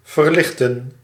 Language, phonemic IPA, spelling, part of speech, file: Dutch, /vərˈlɪx.tə(n)/, verlichten, verb, Nl-verlichten.ogg
- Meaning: 1. to lighten, alleviate (make less heavy) 2. to enlighten, illuminate, brighten (make brighter)